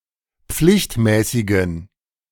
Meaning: inflection of pflichtmäßig: 1. strong genitive masculine/neuter singular 2. weak/mixed genitive/dative all-gender singular 3. strong/weak/mixed accusative masculine singular 4. strong dative plural
- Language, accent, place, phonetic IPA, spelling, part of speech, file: German, Germany, Berlin, [ˈp͡flɪçtˌmɛːsɪɡn̩], pflichtmäßigen, adjective, De-pflichtmäßigen.ogg